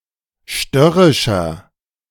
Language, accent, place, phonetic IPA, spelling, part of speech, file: German, Germany, Berlin, [ˈʃtœʁɪʃɐ], störrischer, adjective, De-störrischer.ogg
- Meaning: 1. comparative degree of störrisch 2. inflection of störrisch: strong/mixed nominative masculine singular 3. inflection of störrisch: strong genitive/dative feminine singular